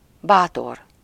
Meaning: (adjective) courageous, brave, valiant; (noun) courage; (conjunction) although, though
- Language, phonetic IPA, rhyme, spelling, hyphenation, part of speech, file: Hungarian, [ˈbaːtor], -or, bátor, bá‧tor, adjective / noun / conjunction, Hu-bátor.ogg